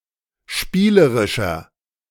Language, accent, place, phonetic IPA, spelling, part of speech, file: German, Germany, Berlin, [ˈʃpiːləʁɪʃɐ], spielerischer, adjective, De-spielerischer.ogg
- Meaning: 1. comparative degree of spielerisch 2. inflection of spielerisch: strong/mixed nominative masculine singular 3. inflection of spielerisch: strong genitive/dative feminine singular